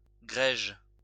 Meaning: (adjective) 1. of silk: raw 2. of the colour of such silk, between grey and beige; greige; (noun) 1. raw or unfinished silk 2. the colour of such silk, closely akin to taupe; greyish-beige, greige
- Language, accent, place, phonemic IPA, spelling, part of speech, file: French, France, Lyon, /ɡʁɛʒ/, grège, adjective / noun, LL-Q150 (fra)-grège.wav